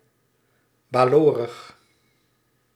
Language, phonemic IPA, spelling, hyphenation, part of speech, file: Dutch, /baːˈloːrəx/, balorig, ba‧lo‧rig, adjective, Nl-balorig.ogg
- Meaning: 1. contrary 2. bad-tempered 3. rebellious 4. tired or moody from listening